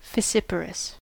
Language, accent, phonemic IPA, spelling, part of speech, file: English, US, /fɪˈsɪpəɹəs/, fissiparous, adjective, En-us-fissiparous.ogg
- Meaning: 1. Factious, tending to break into pieces 2. Causing division or fragmenting something 3. Of cells that reproduce through fission, splitting into two